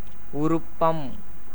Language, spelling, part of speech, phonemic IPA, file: Tamil, உருப்பம், noun, /ʊɾʊpːɐm/, Ta-உருப்பம்.ogg
- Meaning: 1. heat (as of the sun, temperature) 2. anger